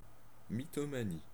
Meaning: mythomania
- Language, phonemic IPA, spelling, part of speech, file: French, /mi.tɔ.ma.ni/, mythomanie, noun, Fr-mythomanie.ogg